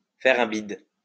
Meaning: to flop, to bomb, to tank
- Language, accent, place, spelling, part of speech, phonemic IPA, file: French, France, Lyon, faire un bide, verb, /fɛʁ œ̃ bid/, LL-Q150 (fra)-faire un bide.wav